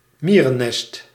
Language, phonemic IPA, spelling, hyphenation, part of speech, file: Dutch, /ˈmiː.rəˌnɛst/, mierennest, mie‧ren‧nest, noun, Nl-mierennest.ogg
- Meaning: ant nest